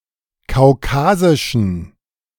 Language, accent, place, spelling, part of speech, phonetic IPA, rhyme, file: German, Germany, Berlin, kaukasischen, adjective, [kaʊ̯ˈkaːzɪʃn̩], -aːzɪʃn̩, De-kaukasischen.ogg
- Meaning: inflection of kaukasisch: 1. strong genitive masculine/neuter singular 2. weak/mixed genitive/dative all-gender singular 3. strong/weak/mixed accusative masculine singular 4. strong dative plural